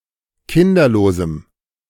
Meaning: strong dative masculine/neuter singular of kinderlos
- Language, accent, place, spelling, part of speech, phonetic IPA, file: German, Germany, Berlin, kinderlosem, adjective, [ˈkɪndɐloːzm̩], De-kinderlosem.ogg